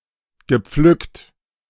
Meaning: past participle of pflücken
- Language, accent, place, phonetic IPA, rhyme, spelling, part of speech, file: German, Germany, Berlin, [ɡəˈp͡flʏkt], -ʏkt, gepflückt, verb, De-gepflückt.ogg